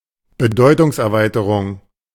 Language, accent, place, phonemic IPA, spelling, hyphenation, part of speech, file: German, Germany, Berlin, /bəˈdɔɪ̯tʊŋsʔɛɐ̯ˌvaɪ̯təʁʊŋ/, Bedeutungserweiterung, Be‧deu‧tungs‧er‧wei‧te‧rung, noun, De-Bedeutungserweiterung.ogg
- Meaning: semantic broadening